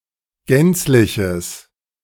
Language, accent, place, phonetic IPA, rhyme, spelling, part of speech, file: German, Germany, Berlin, [ˈɡɛnt͡slɪçəs], -ɛnt͡slɪçəs, gänzliches, adjective, De-gänzliches.ogg
- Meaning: strong/mixed nominative/accusative neuter singular of gänzlich